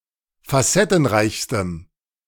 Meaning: strong dative masculine/neuter singular superlative degree of facettenreich
- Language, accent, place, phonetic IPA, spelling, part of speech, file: German, Germany, Berlin, [faˈsɛtn̩ˌʁaɪ̯çstəm], facettenreichstem, adjective, De-facettenreichstem.ogg